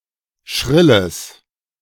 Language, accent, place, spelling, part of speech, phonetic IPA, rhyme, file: German, Germany, Berlin, schrilles, adjective, [ˈʃʁɪləs], -ɪləs, De-schrilles.ogg
- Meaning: strong/mixed nominative/accusative neuter singular of schrill